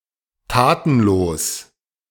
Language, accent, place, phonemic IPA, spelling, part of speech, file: German, Germany, Berlin, /ˈtaːtn̩ˌloːs/, tatenlos, adjective, De-tatenlos.ogg
- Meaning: inactive, idle